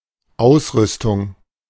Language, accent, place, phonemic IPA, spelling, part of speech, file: German, Germany, Berlin, /ˈaʊ̯sˌʁʏstʊŋ/, Ausrüstung, noun, De-Ausrüstung.ogg
- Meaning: equipment, gear